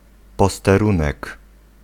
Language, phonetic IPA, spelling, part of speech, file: Polish, [ˌpɔstɛˈrũnɛk], posterunek, noun, Pl-posterunek.ogg